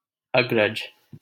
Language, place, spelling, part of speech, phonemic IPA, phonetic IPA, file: Hindi, Delhi, अग्रज, noun / proper noun, /əɡ.ɾəd͡ʒ/, [ɐɡ.ɾɐd͡ʒ], LL-Q1568 (hin)-अग्रज.wav
- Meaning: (noun) 1. firstborn 2. elder brother; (proper noun) a male given name, Agraj, from Sanskrit